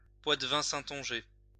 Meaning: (adjective) Saintonge; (noun) Saintongeais or Saintongese (language)
- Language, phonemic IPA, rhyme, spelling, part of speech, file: French, /sɛ̃.tɔ̃.ʒɛ/, -ɛ, saintongeais, adjective / noun, LL-Q150 (fra)-saintongeais.wav